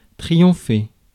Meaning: to triumph
- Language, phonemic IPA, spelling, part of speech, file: French, /tʁi.jɔ̃.fe/, triompher, verb, Fr-triompher.ogg